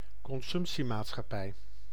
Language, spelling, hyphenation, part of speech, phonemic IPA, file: Dutch, consumptiemaatschappij, con‧sump‧tie‧maat‧schap‧pij, noun, /kɔnˈzʏmp.si.maːt.sxɑˌpɛi̯/, Nl-consumptiemaatschappij.ogg
- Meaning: consumer society (society in which status and consumption are linked and positively correlated)